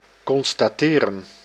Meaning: to ascertain
- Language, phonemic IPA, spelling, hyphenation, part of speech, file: Dutch, /kɔnstaːˈteːrə(n)/, constateren, con‧sta‧te‧ren, verb, Nl-constateren.ogg